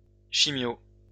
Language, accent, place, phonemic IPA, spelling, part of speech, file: French, France, Lyon, /ʃi.mjo/, chimio, noun, LL-Q150 (fra)-chimio.wav
- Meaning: chemotherapy, chemo